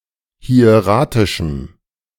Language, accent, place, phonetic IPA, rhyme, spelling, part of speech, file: German, Germany, Berlin, [hi̯eˈʁaːtɪʃm̩], -aːtɪʃm̩, hieratischem, adjective, De-hieratischem.ogg
- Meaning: strong dative masculine/neuter singular of hieratisch